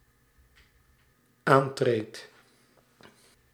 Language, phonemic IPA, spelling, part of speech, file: Dutch, /ˈantret/, aantreedt, verb, Nl-aantreedt.ogg
- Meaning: second/third-person singular dependent-clause present indicative of aantreden